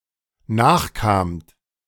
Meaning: second-person plural dependent preterite of nachkommen
- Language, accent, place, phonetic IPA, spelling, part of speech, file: German, Germany, Berlin, [ˈnaːxˌkaːmt], nachkamt, verb, De-nachkamt.ogg